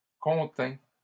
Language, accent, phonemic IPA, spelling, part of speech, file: French, Canada, /kɔ̃.tɛ̃/, contint, verb, LL-Q150 (fra)-contint.wav
- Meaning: third-person singular past historic of contenir